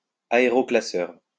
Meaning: cyclone separator
- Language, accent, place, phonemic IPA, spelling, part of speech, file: French, France, Lyon, /a.e.ʁɔ.kla.sœʁ/, aéroclasseur, noun, LL-Q150 (fra)-aéroclasseur.wav